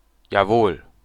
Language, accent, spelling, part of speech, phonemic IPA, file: German, Germany, jawohl, interjection, /jaːˈvoːl/, De-Jawohl.ogg
- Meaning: 1. yes 2. yessir; yes sir